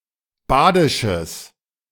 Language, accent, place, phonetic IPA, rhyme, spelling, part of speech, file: German, Germany, Berlin, [ˈbaːdɪʃəs], -aːdɪʃəs, badisches, adjective, De-badisches.ogg
- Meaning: strong/mixed nominative/accusative neuter singular of badisch